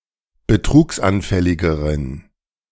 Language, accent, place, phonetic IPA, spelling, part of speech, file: German, Germany, Berlin, [bəˈtʁuːksʔanˌfɛlɪɡəʁən], betrugsanfälligeren, adjective, De-betrugsanfälligeren.ogg
- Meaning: inflection of betrugsanfällig: 1. strong genitive masculine/neuter singular comparative degree 2. weak/mixed genitive/dative all-gender singular comparative degree